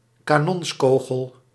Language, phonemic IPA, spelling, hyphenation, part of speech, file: Dutch, /kaːˈnɔnsˌkoː.ɣəl/, kanonskogel, ka‧nons‧ko‧gel, noun, Nl-kanonskogel.ogg
- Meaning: cannon ball, heavy spheric projectile to be launched by artillery